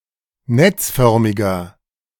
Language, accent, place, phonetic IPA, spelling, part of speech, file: German, Germany, Berlin, [ˈnɛt͡sˌfœʁmɪɡɐ], netzförmiger, adjective, De-netzförmiger.ogg
- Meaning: inflection of netzförmig: 1. strong/mixed nominative masculine singular 2. strong genitive/dative feminine singular 3. strong genitive plural